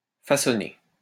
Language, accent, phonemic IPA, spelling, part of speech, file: French, France, /fa.sɔ.ne/, façonné, verb, LL-Q150 (fra)-façonné.wav
- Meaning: past participle of façonner